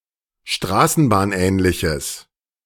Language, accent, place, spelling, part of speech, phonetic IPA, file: German, Germany, Berlin, straßenbahnähnliches, adjective, [ˈʃtʁaːsn̩baːnˌʔɛːnlɪçəs], De-straßenbahnähnliches.ogg
- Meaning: strong/mixed nominative/accusative neuter singular of straßenbahnähnlich